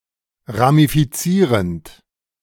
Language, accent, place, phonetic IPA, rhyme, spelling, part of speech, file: German, Germany, Berlin, [ʁamifiˈt͡siːʁənt], -iːʁənt, ramifizierend, verb, De-ramifizierend.ogg
- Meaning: present participle of ramifizieren